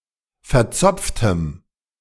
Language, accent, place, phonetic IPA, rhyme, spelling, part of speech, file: German, Germany, Berlin, [fɛɐ̯ˈt͡sɔp͡ftəm], -ɔp͡ftəm, verzopftem, adjective, De-verzopftem.ogg
- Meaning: strong dative masculine/neuter singular of verzopft